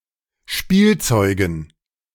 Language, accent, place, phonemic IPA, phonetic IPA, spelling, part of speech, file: German, Germany, Berlin, /ˈʃpiːlˌtsɔʏɡən/, [ˈʃpiːlˌtsɔʏɡŋ̩], Spielzeugen, noun, De-Spielzeugen.ogg
- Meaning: dative plural of Spielzeug